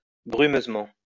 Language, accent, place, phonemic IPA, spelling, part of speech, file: French, France, Lyon, /bʁy.møz.mɑ̃/, brumeusement, adverb, LL-Q150 (fra)-brumeusement.wav
- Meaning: mistily, hazily